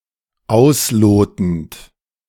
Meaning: present participle of ausloten
- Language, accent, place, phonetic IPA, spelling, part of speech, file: German, Germany, Berlin, [ˈaʊ̯sˌloːtn̩t], auslotend, verb, De-auslotend.ogg